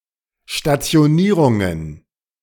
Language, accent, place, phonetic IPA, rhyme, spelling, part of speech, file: German, Germany, Berlin, [ʃtat͡si̯oˈniːʁʊŋən], -iːʁʊŋən, Stationierungen, noun, De-Stationierungen.ogg
- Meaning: plural of Stationierung